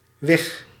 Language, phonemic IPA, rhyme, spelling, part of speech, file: Dutch, /ʋɪx/, -ɪx, wig, noun, Nl-wig.ogg
- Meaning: wedge